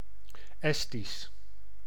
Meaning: Estonian (language)
- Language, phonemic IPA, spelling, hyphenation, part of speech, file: Dutch, /ˈɛs.tis/, Estisch, Es‧tisch, proper noun, Nl-Estisch.ogg